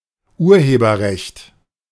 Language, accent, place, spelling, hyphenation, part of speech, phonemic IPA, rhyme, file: German, Germany, Berlin, Urheberrecht, Ur‧he‧ber‧recht, noun, /ˈʔuːɐ̯heːbɐʁɛçt/, -ɛçt, De-Urheberrecht.ogg
- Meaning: copyright